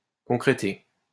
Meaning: to thicken or solidify
- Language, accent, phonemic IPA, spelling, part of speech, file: French, France, /kɔ̃.kʁe.te/, concréter, verb, LL-Q150 (fra)-concréter.wav